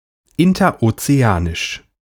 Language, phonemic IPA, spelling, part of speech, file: German, /ɪntɐʔot͡seˈaːnɪʃ/, interozeanisch, adjective, De-interozeanisch.ogg
- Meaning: interoceanic